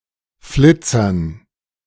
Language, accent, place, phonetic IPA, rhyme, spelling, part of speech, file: German, Germany, Berlin, [ˈflɪt͡sɐn], -ɪt͡sɐn, Flitzern, noun, De-Flitzern.ogg
- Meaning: dative plural of Flitzer